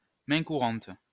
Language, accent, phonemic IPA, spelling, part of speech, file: French, France, /mɛ̃ ku.ʁɑ̃t/, main courante, noun, LL-Q150 (fra)-main courante.wav
- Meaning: 1. daybook, log, journal 2. grabrail, handrail (rail which can be held) 3. pushrim